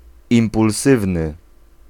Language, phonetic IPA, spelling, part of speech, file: Polish, [ˌĩmpulˈsɨvnɨ], impulsywny, adjective, Pl-impulsywny.ogg